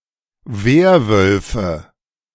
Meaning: nominative/accusative/genitive plural of Werwolf
- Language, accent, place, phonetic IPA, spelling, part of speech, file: German, Germany, Berlin, [ˈveːɐ̯ˌvœlfə], Werwölfe, noun, De-Werwölfe.ogg